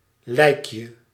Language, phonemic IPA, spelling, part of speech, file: Dutch, /ˈlɛikjə/, lijkje, noun, Nl-lijkje.ogg
- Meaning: diminutive of lijk